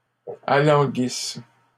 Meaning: inflection of alanguir: 1. third-person plural present indicative/subjunctive 2. third-person plural imperfect subjunctive
- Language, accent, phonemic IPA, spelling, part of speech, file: French, Canada, /a.lɑ̃.ɡis/, alanguissent, verb, LL-Q150 (fra)-alanguissent.wav